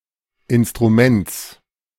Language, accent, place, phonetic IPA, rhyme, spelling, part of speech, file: German, Germany, Berlin, [ˌɪnstʁuˈmɛnt͡s], -ɛnt͡s, Instruments, noun, De-Instruments.ogg
- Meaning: genitive singular of Instrument